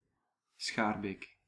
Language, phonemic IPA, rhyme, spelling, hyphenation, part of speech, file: Dutch, /ˈsxaːr.beːk/, -aːrbeːk, Schaarbeek, Schaar‧beek, proper noun, Nl-Schaarbeek.ogg
- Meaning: Schaerbeek (a municipality of Brussels, Brussels Capital Region, Belgium)